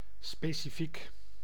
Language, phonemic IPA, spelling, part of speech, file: Dutch, /ˌspesiˈfik/, specifiek, adjective / adverb, Nl-specifiek.ogg
- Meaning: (adjective) specific; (adverb) specifically